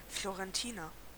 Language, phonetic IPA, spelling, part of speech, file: German, [ˌfloʀɛnˈtiːnɐ], Florentiner, noun / adjective, De-Florentiner.ogg
- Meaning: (noun) 1. a Florentine (native or inhabitant of Florence) 2. a florentine (type of biscuit) 3. short form of Florentinerhut